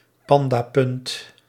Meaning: a fictional point awarded for sexlessness, of which one is gained for every consecutive month (or week, according to some) in which one has not had sex
- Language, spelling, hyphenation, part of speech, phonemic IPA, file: Dutch, pandapunt, pan‧da‧punt, noun, /ˈpɑn.daːˌpʏnt/, Nl-pandapunt.ogg